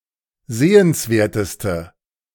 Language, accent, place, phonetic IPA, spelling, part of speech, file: German, Germany, Berlin, [ˈzeːənsˌveːɐ̯təstə], sehenswerteste, adjective, De-sehenswerteste.ogg
- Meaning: inflection of sehenswert: 1. strong/mixed nominative/accusative feminine singular superlative degree 2. strong nominative/accusative plural superlative degree